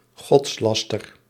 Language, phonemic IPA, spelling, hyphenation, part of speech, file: Dutch, /ˈɣɔtsˌlɑs.tər/, godslaster, gods‧las‧ter, noun, Nl-godslaster.ogg
- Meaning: blasphemy